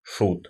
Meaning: 1. fool, jester (person in a mediaeval royal court) 2. clown, buffoon
- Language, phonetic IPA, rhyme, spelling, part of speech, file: Russian, [ʂut], -ut, шут, noun, Ru-шут.ogg